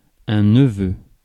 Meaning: nephew
- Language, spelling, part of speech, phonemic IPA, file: French, neveu, noun, /nə.vø/, Fr-neveu.ogg